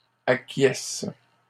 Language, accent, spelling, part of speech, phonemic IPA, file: French, Canada, acquiescent, verb, /a.kjɛs/, LL-Q150 (fra)-acquiescent.wav
- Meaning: third-person plural present indicative/subjunctive of acquiescer